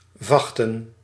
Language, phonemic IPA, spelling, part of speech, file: Dutch, /ˈvɑxtə(n)/, vachten, noun, Nl-vachten.ogg
- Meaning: plural of vacht